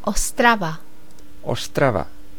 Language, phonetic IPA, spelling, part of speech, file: Czech, [ˈostrava], Ostrava, proper noun, Cs-Ostrava.ogg
- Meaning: Ostrava (a city in the far east of the Czech Republic)